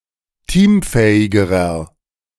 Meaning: inflection of teamfähig: 1. strong/mixed nominative masculine singular comparative degree 2. strong genitive/dative feminine singular comparative degree 3. strong genitive plural comparative degree
- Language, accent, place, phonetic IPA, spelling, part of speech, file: German, Germany, Berlin, [ˈtiːmˌfɛːɪɡəʁɐ], teamfähigerer, adjective, De-teamfähigerer.ogg